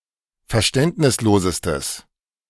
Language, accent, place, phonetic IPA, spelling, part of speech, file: German, Germany, Berlin, [fɛɐ̯ˈʃtɛntnɪsˌloːzəstəs], verständnislosestes, adjective, De-verständnislosestes.ogg
- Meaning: strong/mixed nominative/accusative neuter singular superlative degree of verständnislos